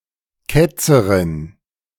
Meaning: heretic (female)
- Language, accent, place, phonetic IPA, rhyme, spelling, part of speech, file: German, Germany, Berlin, [ˈkɛt͡səʁɪn], -ɛt͡səʁɪn, Ketzerin, noun, De-Ketzerin.ogg